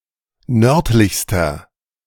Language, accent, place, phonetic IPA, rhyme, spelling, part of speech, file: German, Germany, Berlin, [ˈnœʁtlɪçstɐ], -œʁtlɪçstɐ, nördlichster, adjective, De-nördlichster.ogg
- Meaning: inflection of nördlich: 1. strong/mixed nominative masculine singular superlative degree 2. strong genitive/dative feminine singular superlative degree 3. strong genitive plural superlative degree